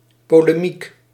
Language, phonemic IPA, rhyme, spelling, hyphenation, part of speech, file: Dutch, /ˌpoː.leːˈmik/, -ik, polemiek, po‧le‧miek, noun, Nl-polemiek.ogg
- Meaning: a polemic